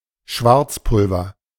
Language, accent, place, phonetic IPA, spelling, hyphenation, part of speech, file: German, Germany, Berlin, [ˈʃvaʁt͡sˌpʊlvɐ], Schwarzpulver, Schwarz‧pul‧ver, noun, De-Schwarzpulver.ogg
- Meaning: black powder